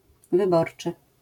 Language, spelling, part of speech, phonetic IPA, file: Polish, wyborczy, adjective, [vɨˈbɔrt͡ʃɨ], LL-Q809 (pol)-wyborczy.wav